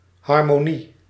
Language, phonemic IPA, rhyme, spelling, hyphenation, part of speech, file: Dutch, /ˌɦɑr.moːˈni/, -i, harmonie, har‧mo‧nie, noun, Nl-harmonie.ogg
- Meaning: 1. harmony 2. harmony, concord